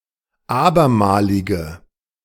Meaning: inflection of abermalig: 1. strong genitive masculine/neuter singular 2. weak/mixed genitive/dative all-gender singular 3. strong/weak/mixed accusative masculine singular 4. strong dative plural
- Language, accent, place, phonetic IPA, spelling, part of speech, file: German, Germany, Berlin, [ˈaːbɐˌmaːlɪɡn̩], abermaligen, adjective, De-abermaligen.ogg